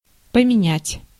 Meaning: 1. to alter, to change 2. to exchange, to change
- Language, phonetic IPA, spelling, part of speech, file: Russian, [pəmʲɪˈnʲætʲ], поменять, verb, Ru-поменять.ogg